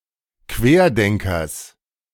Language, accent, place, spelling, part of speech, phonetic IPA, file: German, Germany, Berlin, Querdenkers, noun, [ˈkveːɐ̯ˌdɛŋkɐs], De-Querdenkers.ogg
- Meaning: genitive singular of Querdenker